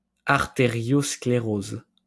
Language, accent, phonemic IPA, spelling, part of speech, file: French, France, /aʁ.te.ʁjɔs.kle.ʁoz/, artériosclérose, noun, LL-Q150 (fra)-artériosclérose.wav
- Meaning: arteriosclerosis